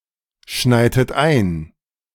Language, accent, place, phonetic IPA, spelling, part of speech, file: German, Germany, Berlin, [ˌʃnaɪ̯tət ˈaɪ̯n], schneitet ein, verb, De-schneitet ein.ogg
- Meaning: inflection of einschneien: 1. second-person plural preterite 2. second-person plural subjunctive II